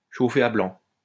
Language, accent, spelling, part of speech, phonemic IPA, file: French, France, chauffer à blanc, verb, /ʃo.fe a blɑ̃/, LL-Q150 (fra)-chauffer à blanc.wav
- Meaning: 1. to make white-hot, to bring to a white heat 2. to ignite